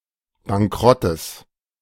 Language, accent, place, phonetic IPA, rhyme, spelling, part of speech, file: German, Germany, Berlin, [baŋˈkʁɔtəs], -ɔtəs, Bankrottes, noun, De-Bankrottes.ogg
- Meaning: genitive singular of Bankrott